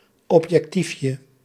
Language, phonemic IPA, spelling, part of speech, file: Dutch, /ɔpjɛkˈtifjə/, objectiefje, noun, Nl-objectiefje.ogg
- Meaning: diminutive of objectief